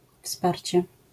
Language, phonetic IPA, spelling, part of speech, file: Polish, [ˈfsparʲt͡ɕɛ], wsparcie, noun, LL-Q809 (pol)-wsparcie.wav